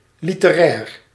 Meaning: literary
- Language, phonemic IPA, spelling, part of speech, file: Dutch, /ˌlitəˈrɛːr/, literair, adjective, Nl-literair.ogg